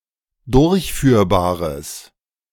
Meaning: strong/mixed nominative/accusative neuter singular of durchführbar
- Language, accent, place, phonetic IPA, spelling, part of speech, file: German, Germany, Berlin, [ˈdʊʁçˌfyːɐ̯baːʁəs], durchführbares, adjective, De-durchführbares.ogg